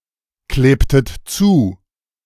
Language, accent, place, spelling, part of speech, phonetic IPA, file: German, Germany, Berlin, klebtet zu, verb, [ˌkleːptət ˈt͡suː], De-klebtet zu.ogg
- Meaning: inflection of zukleben: 1. second-person plural preterite 2. second-person plural subjunctive II